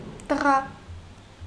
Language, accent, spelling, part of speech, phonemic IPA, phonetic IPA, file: Armenian, Eastern Armenian, տղա, noun, /təˈʁɑ/, [təʁɑ́], Hy-տղա.ogg
- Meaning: 1. boy 2. son 3. child, baby (male or female) 4. lad, youngster, young man 5. apprentice